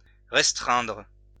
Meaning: 1. to restrict, to limit 2. to restrain
- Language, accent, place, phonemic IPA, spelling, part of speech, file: French, France, Lyon, /ʁɛs.tʁɛ̃dʁ/, restreindre, verb, LL-Q150 (fra)-restreindre.wav